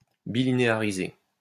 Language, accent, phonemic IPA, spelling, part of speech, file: French, France, /bi.li.ne.a.ʁi.ze/, bilinéariser, verb, LL-Q150 (fra)-bilinéariser.wav
- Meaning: to bilinearize